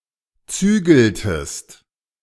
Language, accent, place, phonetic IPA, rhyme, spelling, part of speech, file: German, Germany, Berlin, [ˈt͡syːɡl̩təst], -yːɡl̩təst, zügeltest, verb, De-zügeltest.ogg
- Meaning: inflection of zügeln: 1. second-person singular preterite 2. second-person singular subjunctive II